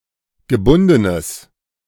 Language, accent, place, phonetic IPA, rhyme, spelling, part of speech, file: German, Germany, Berlin, [ɡəˈbʊndənəs], -ʊndənəs, gebundenes, adjective, De-gebundenes.ogg
- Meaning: strong/mixed nominative/accusative neuter singular of gebunden